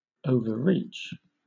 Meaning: To reach above or beyond, especially to an excessive degree
- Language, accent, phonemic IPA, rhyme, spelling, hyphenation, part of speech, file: English, Southern England, /ˌəʊvəˈɹiːt͡ʃ/, -iːtʃ, overreach, over‧reach, verb, LL-Q1860 (eng)-overreach.wav